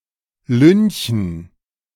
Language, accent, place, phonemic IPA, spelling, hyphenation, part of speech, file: German, Germany, Berlin, /lʏnçən/, lynchen, lyn‧chen, verb, De-lynchen.ogg
- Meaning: to lynch, to kill someone (in a mob or crowd)